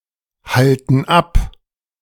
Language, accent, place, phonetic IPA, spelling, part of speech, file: German, Germany, Berlin, [ˌhaltn̩ ˈap], halten ab, verb, De-halten ab.ogg
- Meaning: inflection of abhalten: 1. first/third-person plural present 2. first/third-person plural subjunctive I